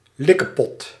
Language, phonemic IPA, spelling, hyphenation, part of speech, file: Dutch, /ˈlɪ.kəˌpɔt/, likkepot, lik‧ke‧pot, noun, Nl-likkepot.ogg
- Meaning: 1. electuary (medicine mixed with honey or some kind of syrup) 2. index finger 3. creamy paté made of liver (or liverwurst), mayonnaise and other spices and condiments